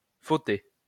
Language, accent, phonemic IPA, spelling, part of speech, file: French, France, /fo.te/, fauter, verb, LL-Q150 (fra)-fauter.wav
- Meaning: to make a mistake, to mess up